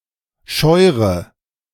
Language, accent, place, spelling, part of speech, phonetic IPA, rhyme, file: German, Germany, Berlin, scheure, verb, [ˈʃɔɪ̯ʁə], -ɔɪ̯ʁə, De-scheure.ogg
- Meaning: inflection of scheuern: 1. first-person singular present 2. first/third-person singular subjunctive I 3. singular imperative